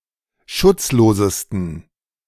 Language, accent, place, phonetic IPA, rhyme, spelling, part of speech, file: German, Germany, Berlin, [ˈʃʊt͡sˌloːzəstn̩], -ʊt͡sloːzəstn̩, schutzlosesten, adjective, De-schutzlosesten.ogg
- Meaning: 1. superlative degree of schutzlos 2. inflection of schutzlos: strong genitive masculine/neuter singular superlative degree